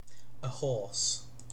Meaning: On the back of a horse; on horseback
- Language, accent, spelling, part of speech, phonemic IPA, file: English, UK, ahorse, adverb, /əˈhɔːs/, En-uk-ahorse.ogg